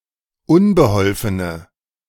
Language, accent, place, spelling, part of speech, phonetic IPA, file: German, Germany, Berlin, unbeholfene, adjective, [ˈʊnbəˌhɔlfənə], De-unbeholfene.ogg
- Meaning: inflection of unbeholfen: 1. strong/mixed nominative/accusative feminine singular 2. strong nominative/accusative plural 3. weak nominative all-gender singular